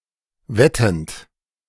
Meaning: present participle of wetten
- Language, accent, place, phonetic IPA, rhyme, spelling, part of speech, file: German, Germany, Berlin, [ˈvɛtn̩t], -ɛtn̩t, wettend, verb, De-wettend.ogg